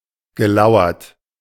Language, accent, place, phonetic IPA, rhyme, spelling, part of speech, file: German, Germany, Berlin, [ɡəˈlaʊ̯ɐt], -aʊ̯ɐt, gelauert, verb, De-gelauert.ogg
- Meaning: past participle of lauern